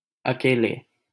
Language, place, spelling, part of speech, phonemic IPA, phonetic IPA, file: Hindi, Delhi, अकेले, adverb / adjective, /ə.keː.leː/, [ɐ.keː.leː], LL-Q1568 (hin)-अकेले.wav
- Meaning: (adverb) alone, by oneself; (adjective) inflection of अकेला (akelā): 1. oblique/vocative masculine singular 2. direct/oblique/vocative masculine plural